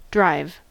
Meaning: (verb) To operate a vehicle: 1. To operate (a wheeled motorized vehicle) 2. To travel by operating a wheeled motorized vehicle 3. To convey (a person, etc.) in a wheeled motorized vehicle
- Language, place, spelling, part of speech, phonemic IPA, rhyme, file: English, California, drive, verb / noun, /dɹaɪv/, -aɪv, En-us-drive.ogg